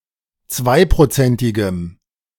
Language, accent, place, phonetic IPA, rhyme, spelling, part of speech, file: German, Germany, Berlin, [ˈt͡svaɪ̯pʁoˌt͡sɛntɪɡəm], -aɪ̯pʁot͡sɛntɪɡəm, zweiprozentigem, adjective, De-zweiprozentigem.ogg
- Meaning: strong dative masculine/neuter singular of zweiprozentig